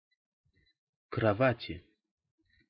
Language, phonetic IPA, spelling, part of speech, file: Russian, [krɐˈvatʲɪ], кровати, noun, Ru-кровати.ogg
- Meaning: inflection of крова́ть (krovátʹ): 1. genitive/dative/prepositional singular 2. nominative/accusative plural